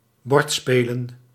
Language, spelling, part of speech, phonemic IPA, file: Dutch, bordspelen, noun, /ˈbɔrtspelə(n)/, Nl-bordspelen.ogg
- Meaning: plural of bordspel